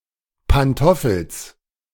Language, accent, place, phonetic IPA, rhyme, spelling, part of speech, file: German, Germany, Berlin, [panˈtɔfl̩s], -ɔfl̩s, Pantoffels, noun, De-Pantoffels.ogg
- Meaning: genitive singular of Pantoffel